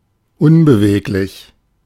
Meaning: 1. immovable 2. unagile 3. unversatile
- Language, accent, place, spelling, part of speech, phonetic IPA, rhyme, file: German, Germany, Berlin, unbeweglich, adjective, [ˈʊnbəˌveːklɪç], -eːklɪç, De-unbeweglich.ogg